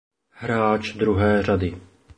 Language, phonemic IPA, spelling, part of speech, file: Czech, /ˈɦraːt͡ʃ ˈdruɦɛː ˈr̝adɪ/, hráč druhé řady, phrase, Cs-hráč druhé řady.oga
- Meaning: lock